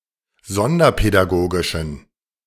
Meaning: inflection of sonderpädagogisch: 1. strong genitive masculine/neuter singular 2. weak/mixed genitive/dative all-gender singular 3. strong/weak/mixed accusative masculine singular
- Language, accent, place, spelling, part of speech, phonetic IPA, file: German, Germany, Berlin, sonderpädagogischen, adjective, [ˈzɔndɐpɛdaˌɡoːɡɪʃn̩], De-sonderpädagogischen.ogg